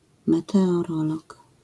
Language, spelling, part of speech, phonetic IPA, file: Polish, meteorolog, noun, [ˌmɛtɛɔˈrɔlɔk], LL-Q809 (pol)-meteorolog.wav